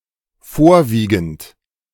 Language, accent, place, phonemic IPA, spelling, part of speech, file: German, Germany, Berlin, /ˈfoːɐ̯viːɡənt/, vorwiegend, verb / adverb, De-vorwiegend.ogg
- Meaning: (verb) present participle of vorwiegen; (adverb) predominantly